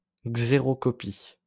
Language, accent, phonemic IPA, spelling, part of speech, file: French, France, /ɡze.ʁɔ.kɔ.pi/, xérocopie, noun, LL-Q150 (fra)-xérocopie.wav
- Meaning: xerocopy; xerographic copy